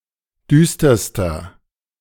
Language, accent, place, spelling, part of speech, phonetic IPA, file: German, Germany, Berlin, düsterster, adjective, [ˈdyːstɐstɐ], De-düsterster.ogg
- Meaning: inflection of düster: 1. strong/mixed nominative masculine singular superlative degree 2. strong genitive/dative feminine singular superlative degree 3. strong genitive plural superlative degree